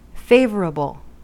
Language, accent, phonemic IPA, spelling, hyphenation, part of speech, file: English, US, /ˈfeɪ.vɚ.əbl/, favorable, fav‧or‧able, adjective, En-us-favorable.ogg
- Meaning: US standard spelling of favourable